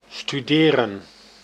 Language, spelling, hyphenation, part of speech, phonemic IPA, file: Dutch, studeren, stu‧de‧ren, verb, /styˈdeːrə(n)/, Nl-studeren.ogg
- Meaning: 1. to study (to take part in organized education) 2. to study, to major in